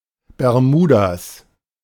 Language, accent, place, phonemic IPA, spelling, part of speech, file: German, Germany, Berlin, /bɛʁˈmuː.daːs/, Bermudas, noun / proper noun, De-Bermudas.ogg
- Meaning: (noun) Bermuda shorts; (proper noun) genitive of Bermuda